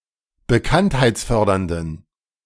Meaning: inflection of bekanntheitsfördernd: 1. strong genitive masculine/neuter singular 2. weak/mixed genitive/dative all-gender singular 3. strong/weak/mixed accusative masculine singular
- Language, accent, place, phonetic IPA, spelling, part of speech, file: German, Germany, Berlin, [bəˈkanthaɪ̯t͡sˌfœʁdɐndn̩], bekanntheitsfördernden, adjective, De-bekanntheitsfördernden.ogg